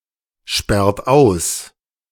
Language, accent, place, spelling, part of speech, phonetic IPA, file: German, Germany, Berlin, sperrt aus, verb, [ˌʃpɛʁt ˈaʊ̯s], De-sperrt aus.ogg
- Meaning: inflection of aussperren: 1. second-person plural present 2. third-person singular present 3. plural imperative